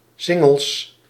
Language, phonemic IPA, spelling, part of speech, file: Dutch, /ˈsɪŋ(ɡ)əls/, singles, noun, Nl-singles.ogg
- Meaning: plural of single